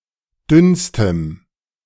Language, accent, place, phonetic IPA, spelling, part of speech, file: German, Germany, Berlin, [ˈdʏnstəm], dünnstem, adjective, De-dünnstem.ogg
- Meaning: strong dative masculine/neuter singular superlative degree of dünn